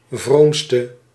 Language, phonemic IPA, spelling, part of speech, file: Dutch, /vromstə/, vroomste, adjective, Nl-vroomste.ogg
- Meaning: inflection of vroom: 1. predicative superlative degree 2. indefinite masculine and feminine singular superlative degree 3. indefinite neuter singular superlative degree